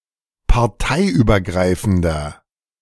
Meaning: inflection of parteiübergreifend: 1. strong/mixed nominative masculine singular 2. strong genitive/dative feminine singular 3. strong genitive plural
- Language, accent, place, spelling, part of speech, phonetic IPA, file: German, Germany, Berlin, parteiübergreifender, adjective, [paʁˈtaɪ̯ʔyːbɐˌɡʁaɪ̯fn̩dɐ], De-parteiübergreifender.ogg